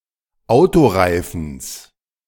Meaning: genitive singular of Autoreifen
- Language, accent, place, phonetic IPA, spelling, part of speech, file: German, Germany, Berlin, [ˈaʊ̯toˌʁaɪ̯fn̩s], Autoreifens, noun, De-Autoreifens.ogg